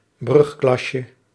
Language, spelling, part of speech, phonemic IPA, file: Dutch, brugklasje, noun, /ˈbrʏxklɑʃə/, Nl-brugklasje.ogg
- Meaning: diminutive of brugklas